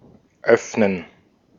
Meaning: 1. to open (to make something accessible or allow for passage by moving from a shut position) 2. to open (to make accessible to customers or clients)
- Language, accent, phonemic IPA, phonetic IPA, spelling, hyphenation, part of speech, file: German, Austria, /ˈœfnən/, [ˈʔœf.nən], öffnen, öff‧nen, verb, De-at-öffnen.ogg